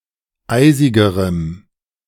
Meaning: strong dative masculine/neuter singular comparative degree of eisig
- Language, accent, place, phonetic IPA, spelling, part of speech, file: German, Germany, Berlin, [ˈaɪ̯zɪɡəʁəm], eisigerem, adjective, De-eisigerem.ogg